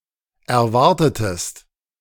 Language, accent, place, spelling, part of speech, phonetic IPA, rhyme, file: German, Germany, Berlin, erwartetest, verb, [ɛɐ̯ˈvaʁtətəst], -aʁtətəst, De-erwartetest.ogg
- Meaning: inflection of erwarten: 1. second-person singular preterite 2. second-person singular subjunctive II